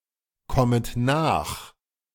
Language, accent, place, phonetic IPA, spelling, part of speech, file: German, Germany, Berlin, [ˌkɔmət ˈnaːx], kommet nach, verb, De-kommet nach.ogg
- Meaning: second-person plural subjunctive I of nachkommen